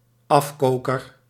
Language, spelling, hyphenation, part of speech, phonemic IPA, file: Dutch, afkoker, af‧ko‧ker, noun, /ˈɑfˌkoː.kər/, Nl-afkoker.ogg
- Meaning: a floury potato suitable for mashed potato dishes